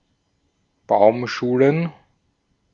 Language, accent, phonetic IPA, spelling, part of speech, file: German, Austria, [ˈbaʊ̯mˌʃuːlən], Baumschulen, noun, De-at-Baumschulen.ogg
- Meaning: plural of Baumschule